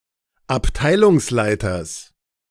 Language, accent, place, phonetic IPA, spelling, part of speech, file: German, Germany, Berlin, [apˈtaɪ̯lʊŋsˌlaɪ̯tɐs], Abteilungsleiters, noun, De-Abteilungsleiters.ogg
- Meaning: genitive singular of Abteilungsleiter